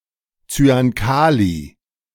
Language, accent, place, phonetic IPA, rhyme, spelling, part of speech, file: German, Germany, Berlin, [t͡syanˈkaːli], -aːli, Zyankali, noun, De-Zyankali.ogg
- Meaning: potassium cyanide